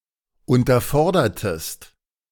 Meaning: inflection of unterfordern: 1. second-person singular preterite 2. second-person singular subjunctive II
- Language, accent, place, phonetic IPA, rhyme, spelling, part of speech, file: German, Germany, Berlin, [ˌʊntɐˈfɔʁdɐtəst], -ɔʁdɐtəst, unterfordertest, verb, De-unterfordertest.ogg